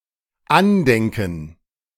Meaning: to think about, consider
- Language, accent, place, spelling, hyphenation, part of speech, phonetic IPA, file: German, Germany, Berlin, andenken, an‧den‧ken, verb, [ˈanˌdɛŋkn̩], De-andenken.ogg